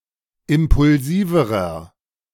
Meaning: inflection of impulsiv: 1. strong/mixed nominative masculine singular comparative degree 2. strong genitive/dative feminine singular comparative degree 3. strong genitive plural comparative degree
- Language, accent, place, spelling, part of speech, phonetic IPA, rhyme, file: German, Germany, Berlin, impulsiverer, adjective, [ˌɪmpʊlˈziːvəʁɐ], -iːvəʁɐ, De-impulsiverer.ogg